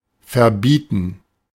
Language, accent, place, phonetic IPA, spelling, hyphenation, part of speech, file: German, Germany, Berlin, [fɛɐ̯ˈbiːtn̩], verbieten, ver‧bie‧ten, verb, De-verbieten.ogg
- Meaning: to forbid, prohibit (someone from doing something)